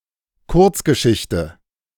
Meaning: short story
- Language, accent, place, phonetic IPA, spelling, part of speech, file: German, Germany, Berlin, [ˈkʊʁt͡sɡəˌʃɪçtə], Kurzgeschichte, noun, De-Kurzgeschichte.ogg